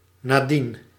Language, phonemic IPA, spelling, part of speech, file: Dutch, /naˈdin/, nadien, adverb, Nl-nadien.ogg
- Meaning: afterwards, since then